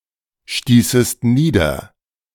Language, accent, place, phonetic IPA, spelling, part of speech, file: German, Germany, Berlin, [ˌʃtiːsəst ˈniːdɐ], stießest nieder, verb, De-stießest nieder.ogg
- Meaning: second-person singular subjunctive II of niederstoßen